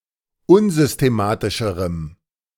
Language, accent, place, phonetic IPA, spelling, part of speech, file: German, Germany, Berlin, [ˈʊnzʏsteˌmaːtɪʃəʁəm], unsystematischerem, adjective, De-unsystematischerem.ogg
- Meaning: strong dative masculine/neuter singular comparative degree of unsystematisch